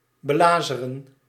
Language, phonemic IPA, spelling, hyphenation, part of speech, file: Dutch, /bəˈlaːzərə(n)/, belazeren, be‧la‧ze‧ren, verb, Nl-belazeren.ogg
- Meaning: to con, to scam